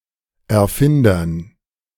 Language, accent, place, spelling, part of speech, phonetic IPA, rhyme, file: German, Germany, Berlin, Erfindern, noun, [ɛɐ̯ˈfɪndɐn], -ɪndɐn, De-Erfindern.ogg
- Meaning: dative plural of Erfinder